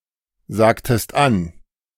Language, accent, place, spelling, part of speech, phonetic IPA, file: German, Germany, Berlin, sagtest an, verb, [ˌzaːktəst ˈan], De-sagtest an.ogg
- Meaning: inflection of ansagen: 1. second-person singular preterite 2. second-person singular subjunctive II